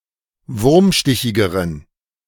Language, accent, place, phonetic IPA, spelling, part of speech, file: German, Germany, Berlin, [ˈvʊʁmˌʃtɪçɪɡəʁən], wurmstichigeren, adjective, De-wurmstichigeren.ogg
- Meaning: inflection of wurmstichig: 1. strong genitive masculine/neuter singular comparative degree 2. weak/mixed genitive/dative all-gender singular comparative degree